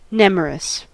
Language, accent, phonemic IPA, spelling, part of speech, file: English, US, /ˈnɛməɹəs/, nemorous, adjective, En-us-nemorous.ogg
- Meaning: Forested; full of trees, dark with shady groves